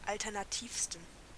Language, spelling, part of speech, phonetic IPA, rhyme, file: German, alternativsten, adjective, [ˌaltɛʁnaˈtiːfstn̩], -iːfstn̩, De-alternativsten.ogg
- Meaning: 1. superlative degree of alternativ 2. inflection of alternativ: strong genitive masculine/neuter singular superlative degree